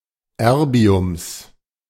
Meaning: genitive singular of Erbium
- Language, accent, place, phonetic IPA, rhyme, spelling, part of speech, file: German, Germany, Berlin, [ˈɛʁbi̯ʊms], -ɛʁbi̯ʊms, Erbiums, noun, De-Erbiums.ogg